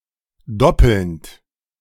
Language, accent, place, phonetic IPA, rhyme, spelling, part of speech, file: German, Germany, Berlin, [ˈdɔpl̩nt], -ɔpl̩nt, doppelnd, verb, De-doppelnd.ogg
- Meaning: present participle of doppeln